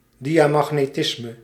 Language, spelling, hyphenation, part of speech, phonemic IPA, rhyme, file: Dutch, diamagnetisme, dia‧mag‧ne‧tis‧me, noun, /ˌdi.aː.mɑx.neːˈtɪs.mə/, -ɪsmə, Nl-diamagnetisme.ogg
- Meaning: diamagnetism